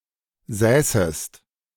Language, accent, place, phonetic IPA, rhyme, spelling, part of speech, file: German, Germany, Berlin, [ˈzɛːsəst], -ɛːsəst, säßest, verb, De-säßest.ogg
- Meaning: second-person singular subjunctive II of sitzen